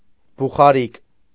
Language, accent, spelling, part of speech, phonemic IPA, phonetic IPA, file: Armenian, Eastern Armenian, բուխարիկ, noun, /buχɑˈɾik/, [buχɑɾík], Hy-բուխարիկ.ogg
- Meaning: 1. fireplace, hearth 2. chimney